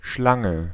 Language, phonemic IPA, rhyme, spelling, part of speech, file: German, /ˈʃlaŋə/, -aŋə, Schlange, noun, De-Schlange.ogg
- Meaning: 1. snake 2. line (of people waiting), queue 3. penis 4. snake, a treacherous person (especially a woman)